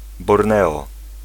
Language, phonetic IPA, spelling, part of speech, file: Polish, [bɔrˈnɛɔ], Borneo, proper noun, Pl-Borneo.ogg